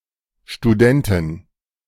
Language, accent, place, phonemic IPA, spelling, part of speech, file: German, Germany, Berlin, /ʃtuˈdɛntɪn/, Studentin, noun, De-Studentin.ogg
- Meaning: female equivalent of Student (“person attending lectures at university”)